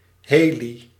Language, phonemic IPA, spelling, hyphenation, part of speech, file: Dutch, /ˈɦeːli/, heli, he‧li, noun, Nl-heli.ogg
- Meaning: chopper